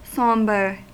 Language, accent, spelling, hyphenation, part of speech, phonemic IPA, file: English, US, sombre, som‧bre, adjective / noun / verb, /ˈsɑmbɚ/, En-us-sombre.ogg
- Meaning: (adjective) 1. Dark; gloomy; shadowy, dimly lit 2. Dull or dark in colour or brightness 3. Melancholic, gloomy, dreary, dismal; grim 4. Grave; extremely serious; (noun) Gloom; obscurity; duskiness